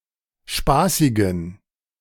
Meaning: inflection of spaßig: 1. strong genitive masculine/neuter singular 2. weak/mixed genitive/dative all-gender singular 3. strong/weak/mixed accusative masculine singular 4. strong dative plural
- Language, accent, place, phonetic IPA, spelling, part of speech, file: German, Germany, Berlin, [ˈʃpaːsɪɡn̩], spaßigen, adjective, De-spaßigen.ogg